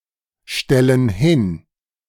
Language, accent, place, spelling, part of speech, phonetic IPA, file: German, Germany, Berlin, stellen hin, verb, [ˌʃtɛlən ˈhɪn], De-stellen hin.ogg
- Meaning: inflection of hinstellen: 1. first/third-person plural present 2. first/third-person plural subjunctive I